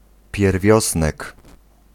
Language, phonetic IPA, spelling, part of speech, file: Polish, [pʲjɛrˈvʲjɔsnɛk], pierwiosnek, noun, Pl-pierwiosnek.ogg